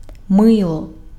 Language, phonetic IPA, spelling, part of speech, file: Ukrainian, [ˈmɪɫɔ], мило, noun / adverb / verb, Uk-мило.ogg
- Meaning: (noun) soap; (adverb) 1. nicely, prettily 2. dearly, kindly, cordially; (verb) neuter singular past imperfective of ми́ти (mýty)